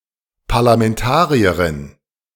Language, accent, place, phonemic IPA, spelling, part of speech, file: German, Germany, Berlin, /paʁlamɛnˈtaːʁi̯ɐʁɪn/, Parlamentarierin, noun, De-Parlamentarierin.ogg
- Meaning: parliamentarian (female member of parliament)